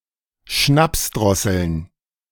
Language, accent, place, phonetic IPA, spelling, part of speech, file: German, Germany, Berlin, [ˈʃnapsˌdʁɔsl̩n], Schnapsdrosseln, noun, De-Schnapsdrosseln.ogg
- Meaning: plural of Schnapsdrossel